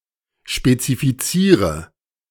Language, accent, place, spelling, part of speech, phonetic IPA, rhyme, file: German, Germany, Berlin, spezifiziere, verb, [ʃpet͡sifiˈt͡siːʁə], -iːʁə, De-spezifiziere.ogg
- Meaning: inflection of spezifizieren: 1. first-person singular present 2. singular imperative 3. first/third-person singular subjunctive I